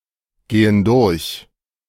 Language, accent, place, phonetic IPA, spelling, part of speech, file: German, Germany, Berlin, [ˌɡeːən ˈdʊʁç], gehen durch, verb, De-gehen durch.ogg
- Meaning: inflection of durchgehen: 1. first/third-person plural present 2. first/third-person plural subjunctive I